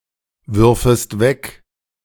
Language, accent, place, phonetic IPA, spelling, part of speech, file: German, Germany, Berlin, [ˌvʏʁfəst ˈvɛk], würfest weg, verb, De-würfest weg.ogg
- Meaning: second-person singular subjunctive I of wegwerfen